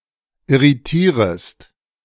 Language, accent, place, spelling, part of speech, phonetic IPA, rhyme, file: German, Germany, Berlin, irritierest, verb, [ɪʁiˈtiːʁəst], -iːʁəst, De-irritierest.ogg
- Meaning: second-person singular subjunctive I of irritieren